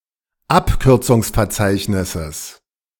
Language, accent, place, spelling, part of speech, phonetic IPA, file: German, Germany, Berlin, Abkürzungsverzeichnisses, noun, [ˈapkʏʁt͡sʊŋsfɛɐ̯ˌt͡saɪ̯çnɪsəs], De-Abkürzungsverzeichnisses.ogg
- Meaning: genitive singular of Abkürzungsverzeichnis